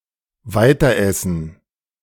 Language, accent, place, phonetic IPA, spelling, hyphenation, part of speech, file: German, Germany, Berlin, [ˈvaɪ̯tɐˌʔɛsn̩], weiteressen, wei‧ter‧es‧sen, verb, De-weiteressen.ogg
- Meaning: to continue eating